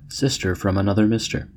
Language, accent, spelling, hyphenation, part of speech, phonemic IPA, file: English, US, sister from another mister, sis‧ter from ano‧ther mis‧ter, noun, /ˈsɪstɚ fɹəm əˈnʌðə ˈmɪstɚ/, En-us-sister-from-another-mister.ogg
- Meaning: A very close female friend